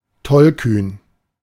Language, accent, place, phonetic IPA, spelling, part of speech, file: German, Germany, Berlin, [ˈtɔlˌkyːn], tollkühn, adjective, De-tollkühn.ogg
- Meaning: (adjective) foolhardy, daredevil, daring; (adverb) daringly